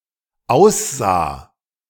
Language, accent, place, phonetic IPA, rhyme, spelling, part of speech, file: German, Germany, Berlin, [ˈaʊ̯sˌzaː], -aʊ̯szaː, aussah, verb, De-aussah.ogg
- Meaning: first/third-person singular dependent preterite of aussehen